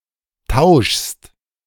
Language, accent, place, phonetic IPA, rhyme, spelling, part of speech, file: German, Germany, Berlin, [taʊ̯ʃst], -aʊ̯ʃst, tauschst, verb, De-tauschst.ogg
- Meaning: second-person singular present of tauschen